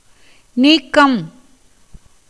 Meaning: 1. separation, removal, disengagement, liberation 2. interstice, gap, chink, crack 3. length, elongation, extension 4. end, close 5. occasion, opportunity
- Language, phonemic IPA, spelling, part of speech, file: Tamil, /niːkːɐm/, நீக்கம், noun, Ta-நீக்கம்.ogg